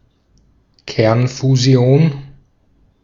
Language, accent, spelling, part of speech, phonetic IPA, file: German, Austria, Kernfusion, noun, [ˈkɛʁnfuˌzi̯oːn], De-at-Kernfusion.ogg
- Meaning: nuclear fusion